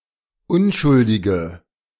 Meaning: inflection of unschuldig: 1. strong/mixed nominative/accusative feminine singular 2. strong nominative/accusative plural 3. weak nominative all-gender singular
- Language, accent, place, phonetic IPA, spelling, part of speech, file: German, Germany, Berlin, [ˈʊnʃʊldɪɡə], unschuldige, adjective, De-unschuldige.ogg